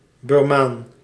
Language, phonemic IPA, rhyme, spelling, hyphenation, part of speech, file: Dutch, /bɪrˈmaːn/, -aːn, Birmaan, Bir‧maan, noun, Nl-Birmaan.ogg
- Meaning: 1. a Burman, a person from Burma (Myanmar) 2. an ethnic Burman, a person from the Burmese ethnicity